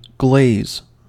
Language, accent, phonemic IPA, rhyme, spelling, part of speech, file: English, US, /ɡleɪz/, -eɪz, glaze, noun / verb, En-us-glaze.ogg
- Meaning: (noun) 1. The vitreous coating of pottery or porcelain; anything used as a coating or color in glazing 2. A transparent or semi-transparent layer of paint